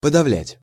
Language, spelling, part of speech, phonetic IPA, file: Russian, подавлять, verb, [pədɐˈvlʲætʲ], Ru-подавлять.ogg
- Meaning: 1. to suppress, to repress, to quell, to stifle 2. to depress, to overwhelm